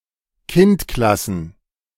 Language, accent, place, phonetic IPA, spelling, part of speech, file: German, Germany, Berlin, [ˈkɪntˌklasn̩], Kindklassen, noun, De-Kindklassen.ogg
- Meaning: plural of Kindklasse